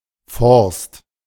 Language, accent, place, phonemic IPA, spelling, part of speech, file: German, Germany, Berlin, /fɔrst/, Forst, noun / proper noun, De-Forst.ogg
- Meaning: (noun) a forest, at least enclosed, usually also cultivated; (proper noun) a town and administrative seat of Spree-Neiße district, Brandenburg; official name: Forst (Lausitz)